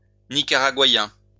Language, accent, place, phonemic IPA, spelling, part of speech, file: French, France, Lyon, /ni.ka.ʁa.ɡwa.jɛ̃/, nicaraguayen, adjective, LL-Q150 (fra)-nicaraguayen.wav
- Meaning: Nicaraguan